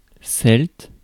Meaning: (adjective) Celtic (of the Celts; of the style of the Celts); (noun) Celtic, (the language of the Celts)
- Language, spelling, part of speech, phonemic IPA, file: French, celte, adjective / noun, /sɛlt/, Fr-celte.ogg